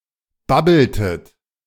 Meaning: inflection of babbeln: 1. second-person plural preterite 2. second-person plural subjunctive II
- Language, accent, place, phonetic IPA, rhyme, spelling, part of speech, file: German, Germany, Berlin, [ˈbabl̩tət], -abl̩tət, babbeltet, verb, De-babbeltet.ogg